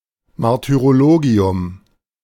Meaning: martyrology
- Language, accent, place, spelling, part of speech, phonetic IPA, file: German, Germany, Berlin, Martyrologium, noun, [maʁtyʁoˈloːɡi̯ʊm], De-Martyrologium.ogg